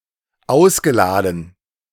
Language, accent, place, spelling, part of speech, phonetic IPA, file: German, Germany, Berlin, ausgeladen, verb, [ˈaʊ̯sɡəˌlaːdn̩], De-ausgeladen.ogg
- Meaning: past participle of ausladen